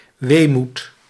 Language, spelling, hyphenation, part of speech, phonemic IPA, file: Dutch, weemoed, wee‧moed, noun, /ˈʋeːmut/, Nl-weemoed.ogg
- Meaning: melancholy